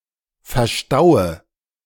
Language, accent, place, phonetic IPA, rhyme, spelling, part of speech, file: German, Germany, Berlin, [fɛɐ̯ˈʃtaʊ̯ə], -aʊ̯ə, verstaue, verb, De-verstaue.ogg
- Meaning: inflection of verstauen: 1. first-person singular present 2. first/third-person singular subjunctive I 3. singular imperative